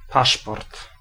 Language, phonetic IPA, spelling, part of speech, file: Polish, [ˈpaʃpɔrt], paszport, noun, Pl-paszport.ogg